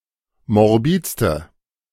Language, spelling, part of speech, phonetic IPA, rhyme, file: German, morbidste, adjective, [mɔʁˈbiːt͡stə], -iːt͡stə, De-morbidste.ogg